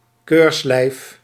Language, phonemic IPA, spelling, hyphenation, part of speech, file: Dutch, /ˈkøːrs.lɛi̯f/, keurslijf, keurs‧lijf, noun, Nl-keurslijf.ogg
- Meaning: 1. stays, a corset, a waist (foundation garment for women, reinforced with stays) 2. a straitjacket; something very tightly arranged or regulated, thereby allowing little freedom; something oppressive